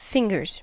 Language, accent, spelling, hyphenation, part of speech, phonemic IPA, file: English, US, fingers, fin‧gers, noun / verb, /ˈfɪŋɡɚz/, En-us-fingers.ogg
- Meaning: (noun) plural of finger; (verb) third-person singular simple present indicative of finger